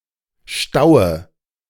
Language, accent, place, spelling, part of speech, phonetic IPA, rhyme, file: German, Germany, Berlin, staue, verb, [ˈʃtaʊ̯ə], -aʊ̯ə, De-staue.ogg
- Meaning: inflection of stauen: 1. first-person singular present 2. first/third-person singular subjunctive I 3. singular imperative